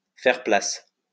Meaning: to give way; to make way
- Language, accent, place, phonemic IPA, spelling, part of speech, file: French, France, Lyon, /fɛʁ plas/, faire place, verb, LL-Q150 (fra)-faire place.wav